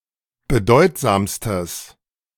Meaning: strong/mixed nominative/accusative neuter singular superlative degree of bedeutsam
- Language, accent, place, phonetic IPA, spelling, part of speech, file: German, Germany, Berlin, [bəˈdɔɪ̯tzaːmstəs], bedeutsamstes, adjective, De-bedeutsamstes.ogg